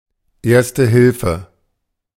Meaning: first aid (basic care)
- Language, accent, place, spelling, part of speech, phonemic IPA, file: German, Germany, Berlin, Erste Hilfe, noun, /ˈeːɐ̯stə ˈhɪlfə/, De-Erste Hilfe.ogg